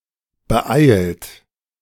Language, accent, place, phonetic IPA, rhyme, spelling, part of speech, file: German, Germany, Berlin, [bəˈʔaɪ̯lt], -aɪ̯lt, beeilt, verb, De-beeilt.ogg
- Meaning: 1. past participle of beeilen 2. inflection of beeilen: second-person plural present 3. inflection of beeilen: third-person singular present 4. inflection of beeilen: plural imperative